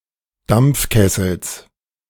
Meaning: genitive of Dampfkessel
- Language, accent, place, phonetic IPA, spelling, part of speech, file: German, Germany, Berlin, [ˈdamp͡fˌkɛsl̩s], Dampfkessels, noun, De-Dampfkessels.ogg